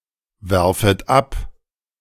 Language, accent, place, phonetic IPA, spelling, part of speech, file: German, Germany, Berlin, [ˌvɛʁfət ˈap], werfet ab, verb, De-werfet ab.ogg
- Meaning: second-person plural subjunctive I of abwerfen